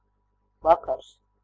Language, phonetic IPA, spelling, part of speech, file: Latvian, [vakaɾs], vakars, noun, Lv-vakars.ogg
- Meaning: evening (time of day, roughly around sunset; also, the time period at the end of the day and before the beginning of the night)